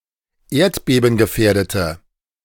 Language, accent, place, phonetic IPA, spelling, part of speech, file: German, Germany, Berlin, [ˈeːɐ̯tbeːbn̩ɡəˌfɛːɐ̯dətə], erdbebengefährdete, adjective, De-erdbebengefährdete.ogg
- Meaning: inflection of erdbebengefährdet: 1. strong/mixed nominative/accusative feminine singular 2. strong nominative/accusative plural 3. weak nominative all-gender singular